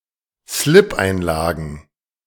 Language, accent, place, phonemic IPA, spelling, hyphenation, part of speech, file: German, Germany, Berlin, /ˈslɪpʔaɪ̯nˌlaːɡn̩/, Slipeinlagen, Slip‧ein‧la‧gen, noun, De-Slipeinlagen.ogg
- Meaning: plural of Slipeinlage